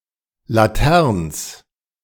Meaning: a municipality of Vorarlberg, Austria
- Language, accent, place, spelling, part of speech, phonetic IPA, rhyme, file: German, Germany, Berlin, Laterns, proper noun, [laˈtɛʁns], -ɛʁns, De-Laterns.ogg